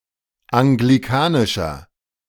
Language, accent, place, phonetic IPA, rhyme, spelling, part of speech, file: German, Germany, Berlin, [aŋɡliˈkaːnɪʃɐ], -aːnɪʃɐ, anglikanischer, adjective, De-anglikanischer.ogg
- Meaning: inflection of anglikanisch: 1. strong/mixed nominative masculine singular 2. strong genitive/dative feminine singular 3. strong genitive plural